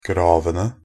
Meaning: 1. definite plural of grav 2. definite plural of grave
- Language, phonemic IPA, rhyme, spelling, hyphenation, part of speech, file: Norwegian Bokmål, /ˈɡrɑːʋənə/, -ənə, gravene, grav‧en‧e, noun, Nb-gravene.ogg